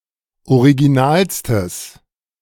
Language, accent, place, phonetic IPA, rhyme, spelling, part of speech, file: German, Germany, Berlin, [oʁiɡiˈnaːlstəs], -aːlstəs, originalstes, adjective, De-originalstes.ogg
- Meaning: strong/mixed nominative/accusative neuter singular superlative degree of original